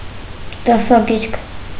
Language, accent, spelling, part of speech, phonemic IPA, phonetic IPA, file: Armenian, Eastern Armenian, դասագիրք, noun, /dɑsɑˈɡiɾkʰ/, [dɑsɑɡíɾkʰ], Hy-դասագիրք.ogg
- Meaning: textbook